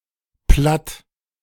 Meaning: 1. Low German 2. a dialect (regional language), usually a German (or Dutch) one
- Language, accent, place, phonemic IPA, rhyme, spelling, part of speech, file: German, Germany, Berlin, /plat/, -at, Platt, noun, De-Platt.ogg